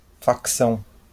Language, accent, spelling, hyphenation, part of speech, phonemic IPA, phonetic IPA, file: Portuguese, Brazil, facção, fac‧ção, noun, /fakˈsɐ̃w̃/, [fakˈsɐ̃ʊ̯̃], LL-Q5146 (por)-facção.wav
- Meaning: 1. militia 2. faction (group of people) 3. a subdivision of a political party 4. sect 5. clipping of facção criminosa